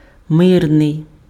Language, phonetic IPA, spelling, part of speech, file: Ukrainian, [ˈmɪrnei̯], мирний, adjective, Uk-мирний.ogg
- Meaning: peaceful